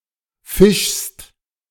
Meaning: second-person singular present of fischen
- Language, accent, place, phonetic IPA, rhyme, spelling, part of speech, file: German, Germany, Berlin, [fɪʃst], -ɪʃst, fischst, verb, De-fischst.ogg